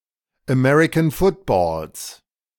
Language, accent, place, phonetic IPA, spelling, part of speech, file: German, Germany, Berlin, [ɛˈmɛʁɪkn̩ ˈfʊtboːls], American Footballs, noun, De-American Footballs.ogg
- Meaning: genitive singular of American Football